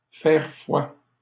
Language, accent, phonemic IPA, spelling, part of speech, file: French, Canada, /fɛʁ fwa/, faire foi, verb, LL-Q150 (fra)-faire foi.wav
- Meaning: 1. to prove, to serve as proof (of/that), to be evidence (of/that), to bear witness (of/that), to attest (to/that) 2. to be reliable 3. to be valid; to prevail